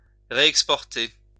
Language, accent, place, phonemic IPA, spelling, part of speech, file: French, France, Lyon, /ʁe.ɛk.spɔʁ.te/, réexporter, verb, LL-Q150 (fra)-réexporter.wav
- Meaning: to reexport